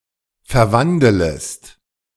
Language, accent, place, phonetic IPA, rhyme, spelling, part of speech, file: German, Germany, Berlin, [fɛɐ̯ˈvandələst], -andələst, verwandelest, verb, De-verwandelest.ogg
- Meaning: second-person singular subjunctive I of verwandeln